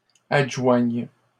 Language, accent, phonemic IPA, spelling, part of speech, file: French, Canada, /ad.ʒwaɲ/, adjoignent, verb, LL-Q150 (fra)-adjoignent.wav
- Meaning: third-person plural present indicative/subjunctive of adjoindre